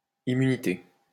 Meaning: immunity
- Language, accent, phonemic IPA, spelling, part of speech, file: French, France, /i.my.ni.te/, immunité, noun, LL-Q150 (fra)-immunité.wav